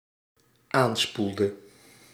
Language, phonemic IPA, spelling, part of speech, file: Dutch, /ˈanspuldə/, aanspoelde, verb, Nl-aanspoelde.ogg
- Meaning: inflection of aanspoelen: 1. singular dependent-clause past indicative 2. singular dependent-clause past subjunctive